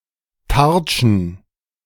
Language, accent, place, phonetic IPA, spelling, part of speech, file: German, Germany, Berlin, [ˈtaʁt͡ʃn̩], Tartschen, noun, De-Tartschen.ogg
- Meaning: plural of Tartsche